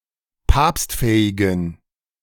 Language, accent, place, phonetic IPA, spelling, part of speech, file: German, Germany, Berlin, [ˈpaːpstˌfɛːɪɡn̩], papstfähigen, adjective, De-papstfähigen.ogg
- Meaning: inflection of papstfähig: 1. strong genitive masculine/neuter singular 2. weak/mixed genitive/dative all-gender singular 3. strong/weak/mixed accusative masculine singular 4. strong dative plural